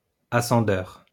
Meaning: ascendeur
- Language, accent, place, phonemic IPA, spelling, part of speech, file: French, France, Lyon, /a.sɑ̃.dœʁ/, ascendeur, noun, LL-Q150 (fra)-ascendeur.wav